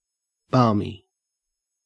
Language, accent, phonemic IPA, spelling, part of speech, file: English, Australia, /bɐːmi/, balmy, adjective, En-au-balmy.ogg
- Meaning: 1. Producing balm 2. Soothing or fragrant 3. Of weather, mild and pleasant 4. Foolish; slightly crazy or mad; eccentric